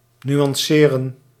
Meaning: to nuance (to apply a nuance to)
- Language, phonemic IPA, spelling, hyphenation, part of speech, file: Dutch, /ˌny.ɑnˈsɛ.rə(n)/, nuanceren, nu‧an‧ce‧ren, verb, Nl-nuanceren.ogg